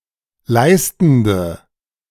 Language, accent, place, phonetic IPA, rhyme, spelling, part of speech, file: German, Germany, Berlin, [ˈlaɪ̯stn̩də], -aɪ̯stn̩də, leistende, adjective, De-leistende.ogg
- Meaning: inflection of leistend: 1. strong/mixed nominative/accusative feminine singular 2. strong nominative/accusative plural 3. weak nominative all-gender singular